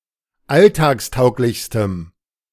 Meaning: strong dative masculine/neuter singular superlative degree of alltagstauglich
- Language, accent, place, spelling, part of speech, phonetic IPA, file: German, Germany, Berlin, alltagstauglichstem, adjective, [ˈaltaːksˌtaʊ̯klɪçstəm], De-alltagstauglichstem.ogg